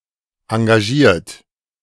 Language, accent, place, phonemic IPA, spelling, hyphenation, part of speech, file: German, Germany, Berlin, /ãɡaˈʒiːɐ̯t/, engagiert, en‧ga‧giert, verb / adjective, De-engagiert.ogg
- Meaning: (verb) past participle of engagieren; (adjective) committed, dedicated